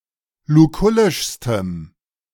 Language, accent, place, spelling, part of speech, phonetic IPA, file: German, Germany, Berlin, lukullischstem, adjective, [luˈkʊlɪʃstəm], De-lukullischstem.ogg
- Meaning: strong dative masculine/neuter singular superlative degree of lukullisch